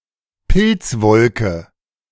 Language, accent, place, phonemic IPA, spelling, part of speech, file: German, Germany, Berlin, /ˈpɪl(t)sˌvɔlkə/, Pilzwolke, noun, De-Pilzwolke.ogg
- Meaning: mushroom cloud (mushroom shaped cloud)